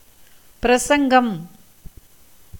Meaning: 1. discourse, lecture, speech, oration, sermon 2. proclamation, public declaration
- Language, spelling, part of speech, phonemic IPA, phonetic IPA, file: Tamil, பிரசங்கம், noun, /pɪɾɐtʃɐŋɡɐm/, [pɪɾɐsɐŋɡɐm], Ta-பிரசங்கம்.ogg